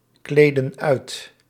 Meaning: inflection of uitkleden: 1. plural present indicative 2. plural present subjunctive
- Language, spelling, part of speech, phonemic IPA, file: Dutch, kleden uit, verb, /ˈkledə(n) ˈœyt/, Nl-kleden uit.ogg